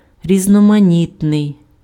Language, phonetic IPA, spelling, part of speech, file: Ukrainian, [rʲiznɔmɐˈnʲitnei̯], різноманітний, adjective, Uk-різноманітний.ogg
- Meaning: diverse, various, multifarious, manifold (of many kinds)